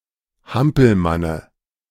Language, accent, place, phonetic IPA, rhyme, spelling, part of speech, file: German, Germany, Berlin, [ˈhampl̩manə], -ampl̩manə, Hampelmanne, noun, De-Hampelmanne.ogg
- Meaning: dative singular of Hampelmann